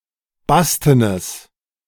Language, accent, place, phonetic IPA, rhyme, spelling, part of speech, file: German, Germany, Berlin, [ˈbastənəs], -astənəs, bastenes, adjective, De-bastenes.ogg
- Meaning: strong/mixed nominative/accusative neuter singular of basten